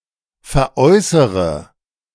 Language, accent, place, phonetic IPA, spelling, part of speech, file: German, Germany, Berlin, [fɛɐ̯ˈʔɔɪ̯səʁə], veräußere, verb, De-veräußere.ogg
- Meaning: inflection of veräußern: 1. first-person singular present 2. first-person plural subjunctive I 3. third-person singular subjunctive I 4. singular imperative